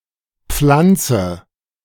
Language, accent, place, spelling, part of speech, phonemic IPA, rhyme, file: German, Germany, Berlin, pflanze, verb, /ˈpflantsə/, -antsə, De-pflanze.ogg
- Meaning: inflection of pflanzen: 1. first-person singular present 2. first/third-person singular subjunctive I 3. singular imperative